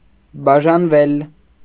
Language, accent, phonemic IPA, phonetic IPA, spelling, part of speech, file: Armenian, Eastern Armenian, /bɑʒɑnˈvel/, [bɑʒɑnvél], բաժանվել, verb, Hy-բաժանվել.ogg
- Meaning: 1. mediopassive of բաժանել (bažanel) 2. to divorce